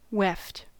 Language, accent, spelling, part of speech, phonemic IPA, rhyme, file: English, US, weft, noun, /wɛft/, -ɛft, En-us-weft.ogg
- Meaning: 1. The horizontal threads that are interlaced through the warp in a woven fabric 2. The yarn used for the weft; the fill 3. A hair extension that is glued directly to a person′s natural hair